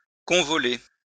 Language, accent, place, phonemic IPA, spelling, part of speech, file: French, France, Lyon, /kɔ̃.vɔ.le/, convoler, verb, LL-Q150 (fra)-convoler.wav
- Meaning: to get married (once more)